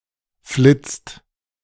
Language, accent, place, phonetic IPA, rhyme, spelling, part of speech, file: German, Germany, Berlin, [flɪt͡st], -ɪt͡st, flitzt, verb, De-flitzt.ogg
- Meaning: inflection of flitzen: 1. second-person singular/plural present 2. third-person singular present 3. plural imperative